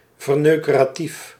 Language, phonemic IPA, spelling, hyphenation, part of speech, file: Dutch, /vərˌnøː.kə.raːˈtif/, verneukeratief, ver‧neu‧ke‧ra‧tief, adjective, Nl-verneukeratief.ogg
- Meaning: tricky; relating to a statement, attitude, or behaviour that is more or less intentionally deceptive, misleading, undermining, or obstructive